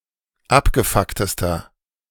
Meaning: inflection of abgefuckt: 1. strong/mixed nominative masculine singular superlative degree 2. strong genitive/dative feminine singular superlative degree 3. strong genitive plural superlative degree
- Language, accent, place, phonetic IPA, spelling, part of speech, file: German, Germany, Berlin, [ˈapɡəˌfaktəstɐ], abgefucktester, adjective, De-abgefucktester.ogg